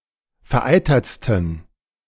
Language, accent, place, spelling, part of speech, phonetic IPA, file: German, Germany, Berlin, vereitertsten, adjective, [fɛɐ̯ˈʔaɪ̯tɐt͡stn̩], De-vereitertsten.ogg
- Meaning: 1. superlative degree of vereitert 2. inflection of vereitert: strong genitive masculine/neuter singular superlative degree